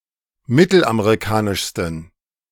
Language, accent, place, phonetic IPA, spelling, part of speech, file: German, Germany, Berlin, [ˈmɪtl̩ʔameʁiˌkaːnɪʃstn̩], mittelamerikanischsten, adjective, De-mittelamerikanischsten.ogg
- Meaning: 1. superlative degree of mittelamerikanisch 2. inflection of mittelamerikanisch: strong genitive masculine/neuter singular superlative degree